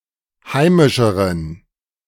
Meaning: inflection of heimisch: 1. strong genitive masculine/neuter singular comparative degree 2. weak/mixed genitive/dative all-gender singular comparative degree
- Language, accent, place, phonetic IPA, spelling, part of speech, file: German, Germany, Berlin, [ˈhaɪ̯mɪʃəʁən], heimischeren, adjective, De-heimischeren.ogg